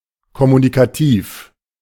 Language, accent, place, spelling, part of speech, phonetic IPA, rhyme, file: German, Germany, Berlin, kommunikativ, adjective, [kɔmunikaˈtiːf], -iːf, De-kommunikativ.ogg
- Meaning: communicative